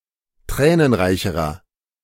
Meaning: inflection of tränenreich: 1. strong/mixed nominative masculine singular comparative degree 2. strong genitive/dative feminine singular comparative degree 3. strong genitive plural comparative degree
- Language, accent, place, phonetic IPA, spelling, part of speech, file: German, Germany, Berlin, [ˈtʁɛːnənˌʁaɪ̯çəʁɐ], tränenreicherer, adjective, De-tränenreicherer.ogg